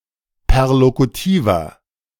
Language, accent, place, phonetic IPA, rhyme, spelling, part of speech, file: German, Germany, Berlin, [pɛʁlokuˈtiːvɐ], -iːvɐ, perlokutiver, adjective, De-perlokutiver.ogg
- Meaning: inflection of perlokutiv: 1. strong/mixed nominative masculine singular 2. strong genitive/dative feminine singular 3. strong genitive plural